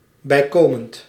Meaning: additional
- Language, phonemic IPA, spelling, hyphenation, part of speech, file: Dutch, /bɛi̯ˈkoː.mənt/, bijkomend, bij‧ko‧mend, adjective, Nl-bijkomend.ogg